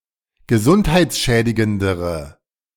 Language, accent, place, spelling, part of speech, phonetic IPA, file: German, Germany, Berlin, gesundheitsschädigendere, adjective, [ɡəˈzʊnthaɪ̯t͡sˌʃɛːdɪɡəndəʁə], De-gesundheitsschädigendere.ogg
- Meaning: inflection of gesundheitsschädigend: 1. strong/mixed nominative/accusative feminine singular comparative degree 2. strong nominative/accusative plural comparative degree